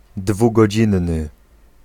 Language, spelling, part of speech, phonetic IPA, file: Polish, dwugodzinny, adjective, [ˌdvuɡɔˈd͡ʑĩnːɨ], Pl-dwugodzinny.ogg